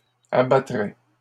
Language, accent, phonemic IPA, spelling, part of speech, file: French, Canada, /a.ba.tʁɛ/, abattraient, verb, LL-Q150 (fra)-abattraient.wav
- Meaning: third-person plural conditional of abattre